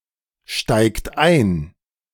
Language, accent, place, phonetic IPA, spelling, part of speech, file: German, Germany, Berlin, [ˌʃtaɪ̯kt ˈaɪ̯n], steigt ein, verb, De-steigt ein.ogg
- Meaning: inflection of einsteigen: 1. third-person singular present 2. second-person plural present 3. plural imperative